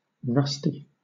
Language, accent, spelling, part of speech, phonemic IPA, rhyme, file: English, Southern England, rusty, adjective / noun, /ˈɹʌsti/, -ʌsti, LL-Q1860 (eng)-rusty.wav
- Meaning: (adjective) 1. Marked or corroded by rust 2. Of the rust color, reddish or reddish-brown 3. Lacking recent experience, out of practice, especially with respect to a skill or activity